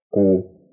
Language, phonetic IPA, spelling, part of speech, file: Russian, [ku], ку, noun, Ru-ку.ogg
- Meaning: The Russian name of the Latin script letter Q/q